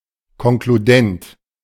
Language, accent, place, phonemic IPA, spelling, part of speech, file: German, Germany, Berlin, /kɔnkluˈdɛnt/, konkludent, adjective, De-konkludent.ogg
- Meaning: 1. conclusive 2. implicit